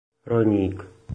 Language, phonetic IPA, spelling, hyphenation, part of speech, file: Czech, [ˈrojɲiːk], rojník, roj‧ník, noun, Cs-rojník.oga
- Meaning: forward